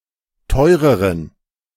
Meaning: inflection of teuer: 1. strong genitive masculine/neuter singular comparative degree 2. weak/mixed genitive/dative all-gender singular comparative degree
- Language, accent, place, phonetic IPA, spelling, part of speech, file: German, Germany, Berlin, [ˈtɔɪ̯ʁəʁən], teureren, adjective, De-teureren.ogg